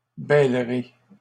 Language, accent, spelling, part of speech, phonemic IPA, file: French, Canada, bêlerai, verb, /bɛl.ʁe/, LL-Q150 (fra)-bêlerai.wav
- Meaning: first-person singular simple future of bêler